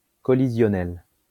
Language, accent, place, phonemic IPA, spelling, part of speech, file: French, France, Lyon, /kɔ.li.zjɔ.nɛl/, collisionnel, adjective, LL-Q150 (fra)-collisionnel.wav
- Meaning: collisional